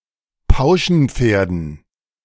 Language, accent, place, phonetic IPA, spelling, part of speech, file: German, Germany, Berlin, [ˈpaʊ̯ʃn̩ˌp͡feːɐ̯dn̩], Pauschenpferden, noun, De-Pauschenpferden.ogg
- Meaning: dative plural of Pauschenpferd